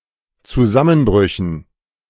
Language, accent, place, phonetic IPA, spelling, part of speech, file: German, Germany, Berlin, [t͡suˈzamənˌbʁʏçn̩], Zusammenbrüchen, noun, De-Zusammenbrüchen.ogg
- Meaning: dative plural of Zusammenbruch